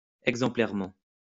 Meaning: exemplarily
- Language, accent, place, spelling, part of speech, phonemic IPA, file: French, France, Lyon, exemplairement, adverb, /ɛɡ.zɑ̃.plɛʁ.mɑ̃/, LL-Q150 (fra)-exemplairement.wav